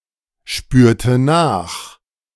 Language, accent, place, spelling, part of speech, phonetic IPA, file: German, Germany, Berlin, spürte nach, verb, [ˌʃpyːɐ̯tə ˈnaːx], De-spürte nach.ogg
- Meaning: first/third-person singular preterite of nachspüren